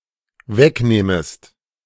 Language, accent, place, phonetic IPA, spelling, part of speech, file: German, Germany, Berlin, [ˈvɛkˌnɛːməst], wegnähmest, verb, De-wegnähmest.ogg
- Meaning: second-person singular dependent subjunctive II of wegnehmen